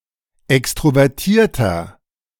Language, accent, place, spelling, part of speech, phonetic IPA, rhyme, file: German, Germany, Berlin, extrovertierter, adjective, [ˌɛkstʁovɛʁˈtiːɐ̯tɐ], -iːɐ̯tɐ, De-extrovertierter.ogg
- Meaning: 1. comparative degree of extrovertiert 2. inflection of extrovertiert: strong/mixed nominative masculine singular 3. inflection of extrovertiert: strong genitive/dative feminine singular